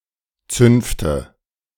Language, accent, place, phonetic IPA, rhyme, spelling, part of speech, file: German, Germany, Berlin, [ˈt͡sʏnftə], -ʏnftə, Zünfte, noun, De-Zünfte.ogg
- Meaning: nominative/accusative/genitive plural of Zunft